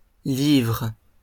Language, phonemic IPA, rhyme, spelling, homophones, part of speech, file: French, /livʁ/, -ivʁ, livres, livre / livrent, noun / verb, LL-Q150 (fra)-livres.wav
- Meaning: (noun) plural of livre; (verb) second-person singular present indicative/subjunctive of livrer